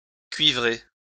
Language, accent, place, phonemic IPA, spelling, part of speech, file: French, France, Lyon, /kɥi.vʁe/, cuivrer, verb, LL-Q150 (fra)-cuivrer.wav
- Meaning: to coat with copper